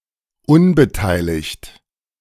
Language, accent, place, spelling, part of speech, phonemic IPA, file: German, Germany, Berlin, unbeteiligt, adjective, /ˈʊnbəˌtaɪ̯lɪçt/, De-unbeteiligt.ogg
- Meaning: 1. uninvolved 2. unconcerned, indifferent